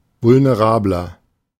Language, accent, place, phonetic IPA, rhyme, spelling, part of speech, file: German, Germany, Berlin, [vʊlneˈʁaːblɐ], -aːblɐ, vulnerabler, adjective, De-vulnerabler.ogg
- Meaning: 1. comparative degree of vulnerabel 2. inflection of vulnerabel: strong/mixed nominative masculine singular 3. inflection of vulnerabel: strong genitive/dative feminine singular